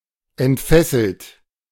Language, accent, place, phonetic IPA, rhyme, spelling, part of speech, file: German, Germany, Berlin, [ɛntˈfɛsl̩t], -ɛsl̩t, entfesselt, verb, De-entfesselt.ogg
- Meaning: 1. past participle of entfesseln 2. inflection of entfesseln: third-person singular present 3. inflection of entfesseln: second-person plural present 4. inflection of entfesseln: plural imperative